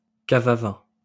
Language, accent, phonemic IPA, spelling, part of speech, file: French, France, /ka.v‿a vɛ̃/, cave à vin, noun, LL-Q150 (fra)-cave à vin.wav
- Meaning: wine cellar, wine vault